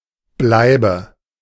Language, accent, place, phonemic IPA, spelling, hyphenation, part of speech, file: German, Germany, Berlin, /ˈblaɪ̯bə/, Bleibe, Blei‧be, noun, De-Bleibe.ogg
- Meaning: abode, accommodation, residence